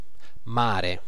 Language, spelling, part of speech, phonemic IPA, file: Italian, mare, noun, /ˈmare/, It-mare.ogg